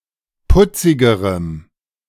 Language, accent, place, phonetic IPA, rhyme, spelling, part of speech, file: German, Germany, Berlin, [ˈpʊt͡sɪɡəʁəm], -ʊt͡sɪɡəʁəm, putzigerem, adjective, De-putzigerem.ogg
- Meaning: strong dative masculine/neuter singular comparative degree of putzig